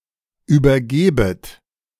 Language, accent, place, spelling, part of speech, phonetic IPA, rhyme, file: German, Germany, Berlin, übergebet, verb, [ˌyːbɐˈɡeːbət], -eːbət, De-übergebet.ogg
- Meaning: second-person plural subjunctive I of übergeben